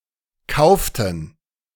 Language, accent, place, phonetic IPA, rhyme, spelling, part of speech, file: German, Germany, Berlin, [ˈkaʊ̯ftn̩], -aʊ̯ftn̩, kauften, verb, De-kauften.ogg
- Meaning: inflection of kaufen: 1. first/third-person plural preterite 2. first/third-person plural subjunctive II